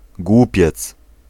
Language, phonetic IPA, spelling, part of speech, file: Polish, [ˈɡwupʲjɛt͡s], głupiec, noun, Pl-głupiec.ogg